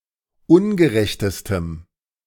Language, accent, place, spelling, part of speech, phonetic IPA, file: German, Germany, Berlin, ungerechtestem, adjective, [ˈʊnɡəˌʁɛçtəstəm], De-ungerechtestem.ogg
- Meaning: strong dative masculine/neuter singular superlative degree of ungerecht